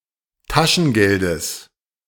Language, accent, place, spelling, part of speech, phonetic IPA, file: German, Germany, Berlin, Taschengeldes, noun, [ˈtaʃn̩ˌɡɛldəs], De-Taschengeldes.ogg
- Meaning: genitive singular of Taschengeld